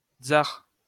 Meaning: alternative spelling of tsar
- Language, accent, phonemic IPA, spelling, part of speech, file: French, France, /tsaʁ/, tzar, noun, LL-Q150 (fra)-tzar.wav